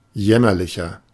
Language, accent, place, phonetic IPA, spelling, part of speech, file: German, Germany, Berlin, [ˈjɛmɐlɪçɐ], jämmerlicher, adjective, De-jämmerlicher.ogg
- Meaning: 1. comparative degree of jämmerlich 2. inflection of jämmerlich: strong/mixed nominative masculine singular 3. inflection of jämmerlich: strong genitive/dative feminine singular